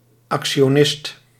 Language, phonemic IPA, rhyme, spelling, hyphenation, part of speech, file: Dutch, /ˌɑk.ʃoːˈnɪst/, -ɪst, actionist, ac‧ti‧o‧nist, noun, Nl-actionist.ogg
- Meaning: stockbroker